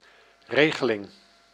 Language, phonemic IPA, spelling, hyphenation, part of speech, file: Dutch, /ˈreɣəˌlɪŋ/, regeling, re‧ge‧ling, noun, Nl-regeling.ogg
- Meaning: arrangement, (as in practical agreement)